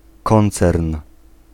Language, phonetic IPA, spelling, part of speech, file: Polish, [ˈkɔ̃nt͡sɛrn], koncern, noun, Pl-koncern.ogg